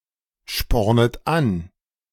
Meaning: second-person plural subjunctive I of anspornen
- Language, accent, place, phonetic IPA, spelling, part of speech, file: German, Germany, Berlin, [ˌʃpɔʁnət ˈan], spornet an, verb, De-spornet an.ogg